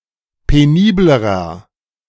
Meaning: inflection of penibel: 1. strong/mixed nominative masculine singular comparative degree 2. strong genitive/dative feminine singular comparative degree 3. strong genitive plural comparative degree
- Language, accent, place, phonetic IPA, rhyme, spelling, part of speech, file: German, Germany, Berlin, [peˈniːbləʁɐ], -iːbləʁɐ, peniblerer, adjective, De-peniblerer.ogg